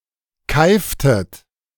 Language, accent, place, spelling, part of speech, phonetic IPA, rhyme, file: German, Germany, Berlin, keiftet, verb, [ˈkaɪ̯ftət], -aɪ̯ftət, De-keiftet.ogg
- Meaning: inflection of keifen: 1. second-person plural preterite 2. second-person plural subjunctive II